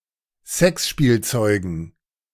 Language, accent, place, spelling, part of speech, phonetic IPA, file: German, Germany, Berlin, Sexspielzeugen, noun, [ˈzɛksʃpiːlˌt͡sɔɪ̯ɡn̩], De-Sexspielzeugen.ogg
- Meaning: dative plural of Sexspielzeug